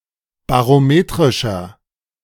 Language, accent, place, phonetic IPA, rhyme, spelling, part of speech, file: German, Germany, Berlin, [baʁoˈmeːtʁɪʃɐ], -eːtʁɪʃɐ, barometrischer, adjective, De-barometrischer.ogg
- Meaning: inflection of barometrisch: 1. strong/mixed nominative masculine singular 2. strong genitive/dative feminine singular 3. strong genitive plural